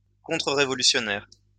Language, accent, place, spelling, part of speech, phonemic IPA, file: French, France, Lyon, contre-révolutionnaire, adjective / noun, /kɔ̃.tʁə.ʁe.vɔ.ly.sjɔ.nɛʁ/, LL-Q150 (fra)-contre-révolutionnaire.wav
- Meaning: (adjective) counterrevolutionary